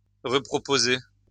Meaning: to repropose
- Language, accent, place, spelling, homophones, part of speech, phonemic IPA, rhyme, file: French, France, Lyon, reproposer, reproposai / reproposé / reproposée / reproposées / reproposés / reproposez, verb, /ʁə.pʁɔ.po.ze/, -e, LL-Q150 (fra)-reproposer.wav